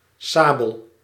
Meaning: 1. sabre (Commonwealth), saber (US) (sword with a narrow, slightly curved blade) 2. sable (Martes zibellina) 3. sable, the colour black
- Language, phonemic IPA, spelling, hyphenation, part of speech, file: Dutch, /ˈsaː.bəl/, sabel, sa‧bel, noun, Nl-sabel.ogg